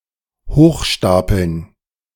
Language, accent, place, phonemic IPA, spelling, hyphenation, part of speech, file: German, Germany, Berlin, /ˈhoːxˌʃtaːpl̩n/, hochstapeln, hoch‧sta‧peln, verb, De-hochstapeln.ogg
- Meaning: 1. to pile up high 2. to act as an impostor